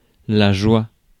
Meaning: joy (feeling of happiness or elation)
- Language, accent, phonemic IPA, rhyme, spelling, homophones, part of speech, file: French, France, /ʒwa/, -a, joie, joua / jouas, noun, Fr-joie.ogg